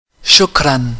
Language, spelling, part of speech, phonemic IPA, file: Arabic, شكرا, interjection, /ʃuk.ran/, Ar-شُكْرًا.ogg
- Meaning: thanks